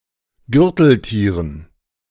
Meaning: dative plural of Gürteltier
- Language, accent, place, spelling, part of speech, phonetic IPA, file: German, Germany, Berlin, Gürteltieren, noun, [ˈɡʏʁtl̩ˌtiːʁən], De-Gürteltieren.ogg